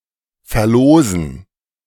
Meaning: to raffle (off)
- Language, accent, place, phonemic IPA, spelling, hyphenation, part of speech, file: German, Germany, Berlin, /ˌfɛɐ̯ˈloːzən/, verlosen, ver‧lo‧sen, verb, De-verlosen.ogg